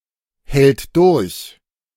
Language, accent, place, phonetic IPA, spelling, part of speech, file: German, Germany, Berlin, [ˌhɛlt ˈdʊʁç], hält durch, verb, De-hält durch.ogg
- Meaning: third-person singular present of durchhalten